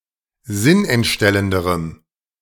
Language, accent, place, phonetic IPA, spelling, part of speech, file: German, Germany, Berlin, [ˈzɪnʔɛntˌʃtɛləndəʁəm], sinnentstellenderem, adjective, De-sinnentstellenderem.ogg
- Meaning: strong dative masculine/neuter singular comparative degree of sinnentstellend